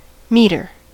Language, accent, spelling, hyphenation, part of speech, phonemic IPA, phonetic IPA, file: English, US, metre, me‧tre, noun / verb, /ˈmiːtəɹ/, [ˈmiːɾɚ], En-us-metre.ogg